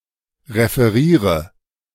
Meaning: inflection of referieren: 1. first-person singular present 2. first/third-person singular subjunctive I 3. singular imperative
- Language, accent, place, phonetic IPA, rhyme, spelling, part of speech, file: German, Germany, Berlin, [ʁefəˈʁiːʁə], -iːʁə, referiere, verb, De-referiere.ogg